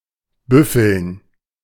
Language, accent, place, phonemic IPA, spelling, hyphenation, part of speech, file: German, Germany, Berlin, /ˈbʏfəln/, büffeln, büf‧feln, verb, De-büffeln.ogg
- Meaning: to swot, cram (study with effort)